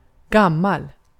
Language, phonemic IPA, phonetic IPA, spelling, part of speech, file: Swedish, /²ɡamːal/, [˧˩ɡämː˥˩äl̪], gammal, adjective, Sv-gammal.ogg
- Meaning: 1. old (having existed for a long time) 2. old (of a specified age) 3. old (having been something for a long time) 4. old (previous, former)